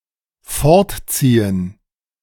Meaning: 1. to pull away 2. to move away
- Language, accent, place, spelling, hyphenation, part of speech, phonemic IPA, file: German, Germany, Berlin, fortziehen, fort‧zie‧hen, verb, /ˈfɔʁtˌt͡siːən/, De-fortziehen.ogg